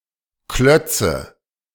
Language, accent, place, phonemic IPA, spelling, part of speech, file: German, Germany, Berlin, /ˈklœt͡sə/, Klötze, proper noun / noun, De-Klötze.ogg
- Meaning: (proper noun) a town in Saxony-Anhalt, Germany; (noun) 1. nominative/accusative/genitive plural of Klotz 2. testicles